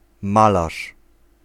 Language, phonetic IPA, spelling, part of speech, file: Polish, [ˈmalaʃ], malarz, noun, Pl-malarz.ogg